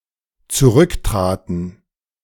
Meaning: first/third-person plural dependent preterite of zurücktreten
- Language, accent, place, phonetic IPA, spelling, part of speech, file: German, Germany, Berlin, [t͡suˈʁʏkˌtʁaːtn̩], zurücktraten, verb, De-zurücktraten.ogg